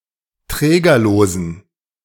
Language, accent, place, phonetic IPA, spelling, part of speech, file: German, Germany, Berlin, [ˈtʁɛːɡɐloːzn̩], trägerlosen, adjective, De-trägerlosen.ogg
- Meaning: inflection of trägerlos: 1. strong genitive masculine/neuter singular 2. weak/mixed genitive/dative all-gender singular 3. strong/weak/mixed accusative masculine singular 4. strong dative plural